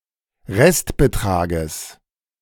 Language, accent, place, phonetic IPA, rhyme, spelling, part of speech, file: German, Germany, Berlin, [ˈʁɛstbəˌtʁaːɡəs], -ɛstbətʁaːɡəs, Restbetrages, noun, De-Restbetrages.ogg
- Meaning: genitive singular of Restbetrag